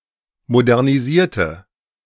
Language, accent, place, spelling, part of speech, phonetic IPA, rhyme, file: German, Germany, Berlin, modernisierte, adjective / verb, [modɛʁniˈziːɐ̯tə], -iːɐ̯tə, De-modernisierte.ogg
- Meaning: inflection of modernisieren: 1. first/third-person singular preterite 2. first/third-person singular subjunctive II